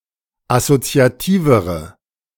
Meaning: inflection of assoziativ: 1. strong/mixed nominative/accusative feminine singular comparative degree 2. strong nominative/accusative plural comparative degree
- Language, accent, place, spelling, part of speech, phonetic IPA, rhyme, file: German, Germany, Berlin, assoziativere, adjective, [asot͡si̯aˈtiːvəʁə], -iːvəʁə, De-assoziativere.ogg